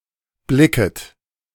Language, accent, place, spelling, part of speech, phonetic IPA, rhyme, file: German, Germany, Berlin, blicket, verb, [ˈblɪkət], -ɪkət, De-blicket.ogg
- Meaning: second-person plural subjunctive I of blicken